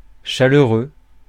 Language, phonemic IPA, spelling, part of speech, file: French, /ʃa.lœ.ʁø/, chaleureux, adjective / noun, Fr-chaleureux.ogg
- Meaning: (adjective) 1. Physically warm, radiating warmth 2. agreeable for its own qualities 3. Rich in alcohol, feeling physically warm 4. warm